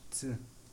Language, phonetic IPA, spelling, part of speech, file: Adyghe, [t͡sə], цы, noun, Circassian Ц.ogg
- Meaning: 1. hair (Usually of animal or human's body) 2. wool